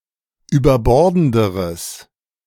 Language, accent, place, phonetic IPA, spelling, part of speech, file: German, Germany, Berlin, [yːbɐˈbɔʁdn̩dəʁəs], überbordenderes, adjective, De-überbordenderes.ogg
- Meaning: strong/mixed nominative/accusative neuter singular comparative degree of überbordend